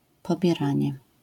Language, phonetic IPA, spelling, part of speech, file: Polish, [ˌpɔbʲjɛˈrãɲɛ], pobieranie, noun, LL-Q809 (pol)-pobieranie.wav